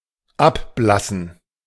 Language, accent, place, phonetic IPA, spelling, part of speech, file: German, Germany, Berlin, [ˈapˌblasn̩], abblassen, verb, De-abblassen.ogg
- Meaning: to fade, to fade away